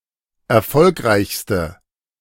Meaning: inflection of erfolgreich: 1. strong/mixed nominative/accusative feminine singular superlative degree 2. strong nominative/accusative plural superlative degree
- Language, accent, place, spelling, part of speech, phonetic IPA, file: German, Germany, Berlin, erfolgreichste, adjective, [ɛɐ̯ˈfɔlkʁaɪ̯çstə], De-erfolgreichste.ogg